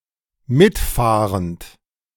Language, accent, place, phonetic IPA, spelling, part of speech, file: German, Germany, Berlin, [ˈmɪtˌfaːʁənt], mitfahrend, verb, De-mitfahrend.ogg
- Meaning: present participle of mitfahren